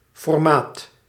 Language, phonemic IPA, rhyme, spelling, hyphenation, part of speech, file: Dutch, /fɔrˈmaːt/, -aːt, formaat, for‧maat, noun, Nl-formaat.ogg
- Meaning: 1. size 2. stature, importance 3. format